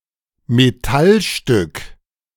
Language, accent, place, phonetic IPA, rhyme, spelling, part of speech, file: German, Germany, Berlin, [meˈtalˌʃtʏk], -alʃtʏk, Metallstück, noun, De-Metallstück.ogg
- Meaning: piece of metal